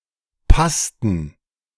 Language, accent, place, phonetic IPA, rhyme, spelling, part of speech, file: German, Germany, Berlin, [ˈpastn̩], -astn̩, passten, verb, De-passten.ogg
- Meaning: inflection of passen: 1. first/third-person plural preterite 2. first/third-person plural subjunctive II